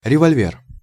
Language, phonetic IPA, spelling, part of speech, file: Russian, [rʲɪvɐlʲˈvʲer], револьвер, noun, Ru-револьвер.ogg
- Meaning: revolver (a handgun with a revolving chamber)